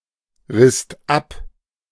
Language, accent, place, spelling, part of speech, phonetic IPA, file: German, Germany, Berlin, risst ab, verb, [ˌʁɪst ˈap], De-risst ab.ogg
- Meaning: second-person singular/plural preterite of abreißen